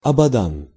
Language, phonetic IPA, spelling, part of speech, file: Russian, [ɐbɐˈdan], Абадан, proper noun, Ru-Абадан.ogg
- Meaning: Abadan (a city in Iran)